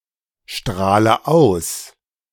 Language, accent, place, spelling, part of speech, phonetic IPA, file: German, Germany, Berlin, strahle aus, verb, [ˌʃtʁaːlə ˈaʊ̯s], De-strahle aus.ogg
- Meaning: inflection of ausstrahlen: 1. first-person singular present 2. first/third-person singular subjunctive I 3. singular imperative